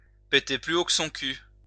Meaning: to think one's shit doesn't stink; to think the sun shines out of one's arse; to think one is the shit; to think one is the business; to think one is hot shit (to be full of oneself)
- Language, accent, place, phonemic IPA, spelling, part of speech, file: French, France, Lyon, /pe.te ply o k(ə) sɔ̃ ky/, péter plus haut que son cul, verb, LL-Q150 (fra)-péter plus haut que son cul.wav